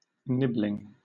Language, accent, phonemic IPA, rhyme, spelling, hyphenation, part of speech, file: English, Southern England, /ˈnɪblɪŋ/, -ɪblɪŋ, nibling, nib‧ling, noun, LL-Q1860 (eng)-nibling.wav
- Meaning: Used especially as a gender-neutral term: the child of one's sibling or sibling-in-law; one's nephew or niece